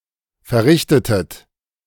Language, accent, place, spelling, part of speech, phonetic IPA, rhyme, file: German, Germany, Berlin, verrichtetet, verb, [fɛɐ̯ˈʁɪçtətət], -ɪçtətət, De-verrichtetet.ogg
- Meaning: inflection of verrichten: 1. second-person plural preterite 2. second-person plural subjunctive II